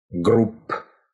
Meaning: genitive plural of гру́ппа (grúppa)
- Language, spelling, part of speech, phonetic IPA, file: Russian, групп, noun, [ˈɡrup], Ru-групп.ogg